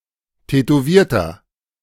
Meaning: 1. comparative degree of tätowiert 2. inflection of tätowiert: strong/mixed nominative masculine singular 3. inflection of tätowiert: strong genitive/dative feminine singular
- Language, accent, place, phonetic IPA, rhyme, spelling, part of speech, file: German, Germany, Berlin, [tɛtoˈviːɐ̯tɐ], -iːɐ̯tɐ, tätowierter, adjective, De-tätowierter.ogg